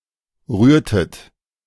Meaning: inflection of rühren: 1. second-person plural preterite 2. second-person plural subjunctive II
- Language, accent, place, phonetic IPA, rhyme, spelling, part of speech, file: German, Germany, Berlin, [ˈʁyːɐ̯tət], -yːɐ̯tət, rührtet, verb, De-rührtet.ogg